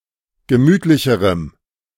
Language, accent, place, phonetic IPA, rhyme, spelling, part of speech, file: German, Germany, Berlin, [ɡəˈmyːtlɪçəʁəm], -yːtlɪçəʁəm, gemütlicherem, adjective, De-gemütlicherem.ogg
- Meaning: strong dative masculine/neuter singular comparative degree of gemütlich